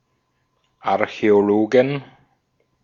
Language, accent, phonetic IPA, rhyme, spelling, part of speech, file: German, Austria, [aʁçɛoˈloːɡn̩], -oːɡn̩, Archäologen, noun, De-at-Archäologen.ogg
- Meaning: 1. genitive singular of Archäologe 2. plural of Archäologe